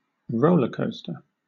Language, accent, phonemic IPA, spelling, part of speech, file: English, Southern England, /ˈɹəʊləˌkəʊstə/, rollercoaster, noun, LL-Q1860 (eng)-rollercoaster.wav
- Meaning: 1. An amusement ride consisting of a train on a track that rises, falls, twists and turns 2. A situation characterized by significant fluctuations in direction, emotion or intensity